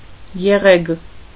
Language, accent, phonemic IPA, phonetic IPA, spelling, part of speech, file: Armenian, Eastern Armenian, /jeˈʁeɡ/, [jeʁéɡ], եղեգ, noun, Hy-եղեգ.ogg
- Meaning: reed, cane